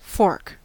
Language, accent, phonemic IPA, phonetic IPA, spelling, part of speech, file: English, General American, /fɔɹk/, [fo̞ɹk], fork, noun / verb, En-us-fork.ogg
- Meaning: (noun) Any of several types of pronged (tined) tools (physical tools), as follows: A utensil with spikes used to put solid food into the mouth, or to hold food down while cutting, or for serving food